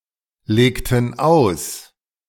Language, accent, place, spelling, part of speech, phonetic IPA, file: German, Germany, Berlin, legten aus, verb, [ˌleːktn̩ ˈaʊ̯s], De-legten aus.ogg
- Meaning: inflection of auslegen: 1. first/third-person plural preterite 2. first/third-person plural subjunctive II